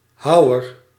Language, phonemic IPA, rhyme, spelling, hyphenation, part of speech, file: Dutch, /ˈɦɑu̯ər/, -ɑu̯ər, houwer, hou‧wer, noun, Nl-houwer.ogg
- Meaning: 1. someone who chops, in particular a lumberjack or a sculptor 2. a hewer, a pickman 3. a tusk of a wild boar 4. a machete (blade weapon) 5. any blade weapon